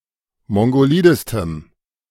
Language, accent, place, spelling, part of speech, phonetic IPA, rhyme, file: German, Germany, Berlin, mongolidestem, adjective, [ˌmɔŋɡoˈliːdəstəm], -iːdəstəm, De-mongolidestem.ogg
- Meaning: strong dative masculine/neuter singular superlative degree of mongolid